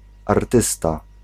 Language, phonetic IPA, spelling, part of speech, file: Polish, [arˈtɨsta], artysta, noun, Pl-artysta.ogg